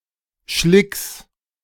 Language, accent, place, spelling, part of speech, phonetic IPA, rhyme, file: German, Germany, Berlin, Schlicks, noun, [ʃlɪks], -ɪks, De-Schlicks.ogg
- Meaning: genitive singular of Schlick